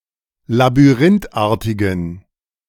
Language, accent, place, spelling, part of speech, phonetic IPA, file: German, Germany, Berlin, labyrinthartigen, adjective, [labyˈʁɪntˌʔaːɐ̯tɪɡn̩], De-labyrinthartigen.ogg
- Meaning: inflection of labyrinthartig: 1. strong genitive masculine/neuter singular 2. weak/mixed genitive/dative all-gender singular 3. strong/weak/mixed accusative masculine singular 4. strong dative plural